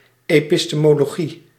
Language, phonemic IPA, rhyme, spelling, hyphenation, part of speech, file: Dutch, /eː.pi.steː.moː.loːˈɣi/, -i, epistemologie, epi‧ste‧mo‧lo‧gie, noun, Nl-epistemologie.ogg
- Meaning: epistemology